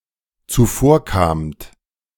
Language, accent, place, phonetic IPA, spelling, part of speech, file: German, Germany, Berlin, [t͡suˈfoːɐ̯ˌkaːmt], zuvorkamt, verb, De-zuvorkamt.ogg
- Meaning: second-person plural dependent preterite of zuvorkommen